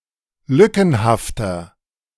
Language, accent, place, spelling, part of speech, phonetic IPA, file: German, Germany, Berlin, lückenhafter, adjective, [ˈlʏkn̩haftɐ], De-lückenhafter.ogg
- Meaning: 1. comparative degree of lückenhaft 2. inflection of lückenhaft: strong/mixed nominative masculine singular 3. inflection of lückenhaft: strong genitive/dative feminine singular